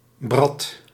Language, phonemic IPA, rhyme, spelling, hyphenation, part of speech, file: Dutch, /brɑt/, -ɑt, brat, brat, noun, Nl-brat.ogg
- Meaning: alternative form of brat